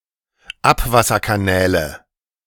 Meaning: nominative/accusative/genitive plural of Abwasserkanal
- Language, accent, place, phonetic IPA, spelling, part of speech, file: German, Germany, Berlin, [ˈapvasɐkaˌnɛːlə], Abwasserkanäle, noun, De-Abwasserkanäle.ogg